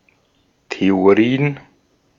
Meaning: plural of Theorie
- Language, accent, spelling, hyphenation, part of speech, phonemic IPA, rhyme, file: German, Austria, Theorien, The‧o‧ri‧en, noun, /teoˈʁiːən/, -iːən, De-at-Theorien.ogg